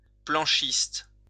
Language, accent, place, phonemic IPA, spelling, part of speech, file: French, France, Lyon, /plɑ̃.ʃist/, planchiste, noun, LL-Q150 (fra)-planchiste.wav
- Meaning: 1. boarder 2. snowboarder 3. skateboarder